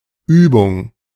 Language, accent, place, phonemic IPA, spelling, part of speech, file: German, Germany, Berlin, /ˈyːbʊŋ/, Übung, noun, De-Übung.ogg
- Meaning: practice (degree of being used to and proficient in some activity)